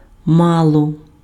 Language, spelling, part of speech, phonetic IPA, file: Ukrainian, мало, adverb, [ˈmaɫɔ], Uk-мало.ogg
- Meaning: a little, few, some